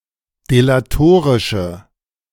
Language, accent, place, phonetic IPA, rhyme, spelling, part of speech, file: German, Germany, Berlin, [delaˈtoːʁɪʃə], -oːʁɪʃə, delatorische, adjective, De-delatorische.ogg
- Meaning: inflection of delatorisch: 1. strong/mixed nominative/accusative feminine singular 2. strong nominative/accusative plural 3. weak nominative all-gender singular